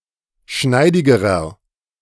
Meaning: inflection of schneidig: 1. strong/mixed nominative masculine singular comparative degree 2. strong genitive/dative feminine singular comparative degree 3. strong genitive plural comparative degree
- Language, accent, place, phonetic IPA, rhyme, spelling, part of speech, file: German, Germany, Berlin, [ˈʃnaɪ̯dɪɡəʁɐ], -aɪ̯dɪɡəʁɐ, schneidigerer, adjective, De-schneidigerer.ogg